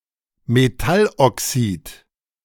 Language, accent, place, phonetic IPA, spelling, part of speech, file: German, Germany, Berlin, [meˈtalʔɔˌksiːt], Metalloxid, noun, De-Metalloxid.ogg
- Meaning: metal oxide